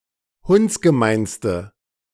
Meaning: inflection of hundsgemein: 1. strong/mixed nominative/accusative feminine singular superlative degree 2. strong nominative/accusative plural superlative degree
- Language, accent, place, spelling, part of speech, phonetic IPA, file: German, Germany, Berlin, hundsgemeinste, adjective, [ˈhʊnt͡sɡəˌmaɪ̯nstə], De-hundsgemeinste.ogg